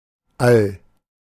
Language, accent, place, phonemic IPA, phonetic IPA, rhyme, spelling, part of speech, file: German, Germany, Berlin, /al/, [ʔäl], -al, All, noun, De-All.ogg
- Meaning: cosmos